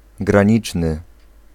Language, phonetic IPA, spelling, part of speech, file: Polish, [ɡrãˈɲit͡ʃnɨ], graniczny, adjective, Pl-graniczny.ogg